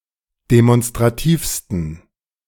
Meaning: 1. superlative degree of demonstrativ 2. inflection of demonstrativ: strong genitive masculine/neuter singular superlative degree
- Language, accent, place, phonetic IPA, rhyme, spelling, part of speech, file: German, Germany, Berlin, [demɔnstʁaˈtiːfstn̩], -iːfstn̩, demonstrativsten, adjective, De-demonstrativsten.ogg